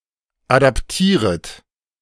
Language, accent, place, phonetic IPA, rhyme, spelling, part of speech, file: German, Germany, Berlin, [ˌadapˈtiːʁət], -iːʁət, adaptieret, verb, De-adaptieret.ogg
- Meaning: second-person plural subjunctive I of adaptieren